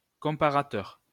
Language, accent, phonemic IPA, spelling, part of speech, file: French, France, /kɔ̃.pa.ʁa.tœʁ/, comparateur, noun, LL-Q150 (fra)-comparateur.wav
- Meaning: comparator